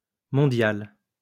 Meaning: feminine plural of mondial
- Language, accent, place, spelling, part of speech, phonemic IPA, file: French, France, Lyon, mondiales, adjective, /mɔ̃.djal/, LL-Q150 (fra)-mondiales.wav